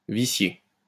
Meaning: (verb) past participle of vicier; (adjective) polluted, tainted; vitiated
- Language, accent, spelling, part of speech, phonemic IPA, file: French, France, vicié, verb / adjective, /vi.sje/, LL-Q150 (fra)-vicié.wav